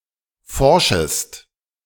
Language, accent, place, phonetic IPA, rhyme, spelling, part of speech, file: German, Germany, Berlin, [ˈfɔʁʃəst], -ɔʁʃəst, forschest, verb, De-forschest.ogg
- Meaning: second-person singular subjunctive I of forschen